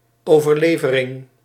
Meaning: oral tradition, lore/folklore: a story that is handed down, whose veracity is stronger than that of a legend
- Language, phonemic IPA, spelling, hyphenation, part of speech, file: Dutch, /ˈovərlevərɪŋ/, overlevering, over‧le‧ve‧ring, noun, Nl-overlevering.ogg